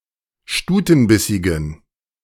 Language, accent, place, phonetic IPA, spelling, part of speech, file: German, Germany, Berlin, [ˈʃtuːtn̩ˌbɪsɪɡn̩], stutenbissigen, adjective, De-stutenbissigen.ogg
- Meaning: inflection of stutenbissig: 1. strong genitive masculine/neuter singular 2. weak/mixed genitive/dative all-gender singular 3. strong/weak/mixed accusative masculine singular 4. strong dative plural